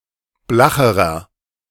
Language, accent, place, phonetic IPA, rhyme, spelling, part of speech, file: German, Germany, Berlin, [ˈblaxəʁɐ], -axəʁɐ, blacherer, adjective, De-blacherer.ogg
- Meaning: inflection of blach: 1. strong/mixed nominative masculine singular comparative degree 2. strong genitive/dative feminine singular comparative degree 3. strong genitive plural comparative degree